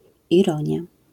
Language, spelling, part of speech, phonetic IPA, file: Polish, ironia, noun, [iˈrɔ̃ɲja], LL-Q809 (pol)-ironia.wav